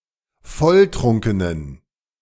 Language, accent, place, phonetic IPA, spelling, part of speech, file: German, Germany, Berlin, [ˈfɔlˌtʁʊŋkənən], volltrunkenen, adjective, De-volltrunkenen.ogg
- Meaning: inflection of volltrunken: 1. strong genitive masculine/neuter singular 2. weak/mixed genitive/dative all-gender singular 3. strong/weak/mixed accusative masculine singular 4. strong dative plural